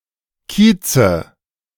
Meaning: nominative/accusative/genitive plural of Kiez
- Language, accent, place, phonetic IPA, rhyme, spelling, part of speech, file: German, Germany, Berlin, [ˈkiːt͡sə], -iːt͡sə, Kieze, noun, De-Kieze.ogg